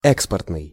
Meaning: export
- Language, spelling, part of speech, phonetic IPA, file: Russian, экспортный, adjective, [ˈɛkspərtnɨj], Ru-экспортный.ogg